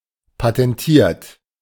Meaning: 1. past participle of patentieren 2. inflection of patentieren: third-person singular present 3. inflection of patentieren: second-person plural present 4. inflection of patentieren: plural imperative
- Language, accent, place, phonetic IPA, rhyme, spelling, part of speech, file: German, Germany, Berlin, [patɛnˈtiːɐ̯t], -iːɐ̯t, patentiert, adjective / verb, De-patentiert.ogg